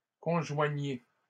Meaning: inflection of conjoindre: 1. second-person plural present indicative 2. second-person plural imperative
- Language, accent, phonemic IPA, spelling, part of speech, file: French, Canada, /kɔ̃.ʒwa.ɲe/, conjoignez, verb, LL-Q150 (fra)-conjoignez.wav